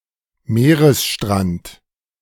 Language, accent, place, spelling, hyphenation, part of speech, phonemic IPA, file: German, Germany, Berlin, Meeresstrand, Mee‧res‧strand, noun, /ˈmeːʁəsˌʃtʁant/, De-Meeresstrand.ogg
- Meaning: seashore